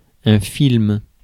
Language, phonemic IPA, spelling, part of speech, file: French, /film/, film, noun, Fr-film.ogg
- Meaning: movie, film